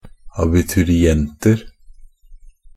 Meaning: indefinite plural of abiturient
- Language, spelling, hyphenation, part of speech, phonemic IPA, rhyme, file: Norwegian Bokmål, abiturienter, a‧bi‧tu‧ri‧ent‧er, noun, /abɪtʉrɪˈɛntər/, -ər, NB - Pronunciation of Norwegian Bokmål «abiturienter».ogg